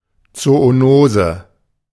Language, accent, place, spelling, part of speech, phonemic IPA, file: German, Germany, Berlin, Zoonose, noun, /t͡sooˈnoːzə/, De-Zoonose.ogg
- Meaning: zoonosis